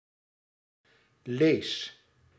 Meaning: inflection of lezen: 1. first-person singular present indicative 2. second-person singular present indicative 3. imperative
- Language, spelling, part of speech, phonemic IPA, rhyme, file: Dutch, lees, verb, /leːs/, -eːs, Nl-lees.ogg